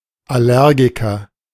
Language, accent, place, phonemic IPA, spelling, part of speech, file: German, Germany, Berlin, /aˈlɛʁɡikɐ/, Allergiker, noun, De-Allergiker.ogg
- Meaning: person that suffers from allergy